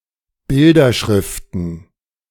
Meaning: plural of Bilderschrift
- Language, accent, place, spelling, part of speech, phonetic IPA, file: German, Germany, Berlin, Bilderschriften, noun, [ˈbɪldɐˌʃʁɪftn̩], De-Bilderschriften.ogg